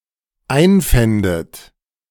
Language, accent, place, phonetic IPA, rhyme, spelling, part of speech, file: German, Germany, Berlin, [ˈaɪ̯nˌfɛndət], -aɪ̯nfɛndət, einfändet, verb, De-einfändet.ogg
- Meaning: second-person plural dependent subjunctive II of einfinden